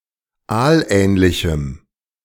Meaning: strong dative masculine/neuter singular of aalähnlich
- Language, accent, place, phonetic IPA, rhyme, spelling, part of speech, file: German, Germany, Berlin, [ˈaːlˌʔɛːnlɪçm̩], -aːlʔɛːnlɪçm̩, aalähnlichem, adjective, De-aalähnlichem.ogg